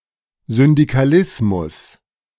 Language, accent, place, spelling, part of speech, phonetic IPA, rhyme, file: German, Germany, Berlin, Syndikalismus, noun, [zʏndikaˈlɪsmʊs], -ɪsmʊs, De-Syndikalismus.ogg
- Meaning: syndicalism